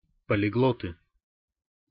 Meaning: nominative plural of полигло́т (poliglót)
- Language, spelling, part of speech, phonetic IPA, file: Russian, полиглоты, noun, [pəlʲɪˈɡɫotɨ], Ru-полиглоты.ogg